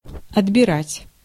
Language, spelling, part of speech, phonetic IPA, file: Russian, отбирать, verb, [ɐdbʲɪˈratʲ], Ru-отбирать.ogg
- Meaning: 1. to choose, to select, to single out 2. to take away